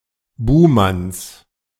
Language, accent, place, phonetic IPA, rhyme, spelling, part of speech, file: German, Germany, Berlin, [ˈbuːmans], -uːmans, Buhmanns, noun, De-Buhmanns.ogg
- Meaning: genitive of Buhmann